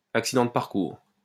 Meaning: mishap, setback
- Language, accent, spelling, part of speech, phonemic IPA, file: French, France, accident de parcours, noun, /ak.si.dɑ̃ d(ə) paʁ.kuʁ/, LL-Q150 (fra)-accident de parcours.wav